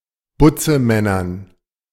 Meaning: dative plural of Butzemann
- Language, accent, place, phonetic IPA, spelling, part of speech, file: German, Germany, Berlin, [ˈbʊt͡səˌmɛnɐn], Butzemännern, noun, De-Butzemännern.ogg